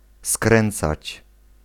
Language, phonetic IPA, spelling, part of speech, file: Polish, [ˈskrɛ̃nt͡sat͡ɕ], skręcać, verb, Pl-skręcać.ogg